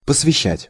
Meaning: 1. to devote, to dedicate (various senses) 2. to initiate (into), to let (into) 3. to ordain (into), to consecrate (into)
- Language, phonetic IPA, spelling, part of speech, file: Russian, [pəsvʲɪˈɕːætʲ], посвящать, verb, Ru-посвящать.ogg